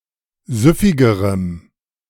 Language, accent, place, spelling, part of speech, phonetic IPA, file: German, Germany, Berlin, süffigerem, adjective, [ˈzʏfɪɡəʁəm], De-süffigerem.ogg
- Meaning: strong dative masculine/neuter singular comparative degree of süffig